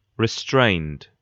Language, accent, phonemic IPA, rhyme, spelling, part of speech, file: English, UK, /ɹɪˈstɹeɪnd/, -eɪnd, restrained, adjective / verb, En-gb-restrained.ogg
- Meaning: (adjective) 1. Held back, limited, kept in check or under control 2. Proscribed, restricted; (verb) simple past and past participle of restrain